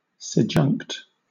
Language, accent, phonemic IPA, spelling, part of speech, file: English, Southern England, /sɪˈd͡ʒʌŋkt/, sejunct, adjective, LL-Q1860 (eng)-sejunct.wav
- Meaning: Separate; separated